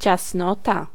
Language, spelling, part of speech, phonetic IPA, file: Polish, ciasnota, noun, [t͡ɕasˈnɔta], Pl-ciasnota.ogg